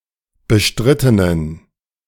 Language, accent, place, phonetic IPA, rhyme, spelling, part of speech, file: German, Germany, Berlin, [bəˈʃtʁɪtənən], -ɪtənən, bestrittenen, adjective, De-bestrittenen.ogg
- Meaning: inflection of bestritten: 1. strong genitive masculine/neuter singular 2. weak/mixed genitive/dative all-gender singular 3. strong/weak/mixed accusative masculine singular 4. strong dative plural